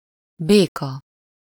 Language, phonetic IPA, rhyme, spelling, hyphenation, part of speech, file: Hungarian, [ˈbeːkɒ], -kɒ, béka, bé‧ka, noun, Hu-béka.ogg
- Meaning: 1. frog 2. pallet jack, pallet truck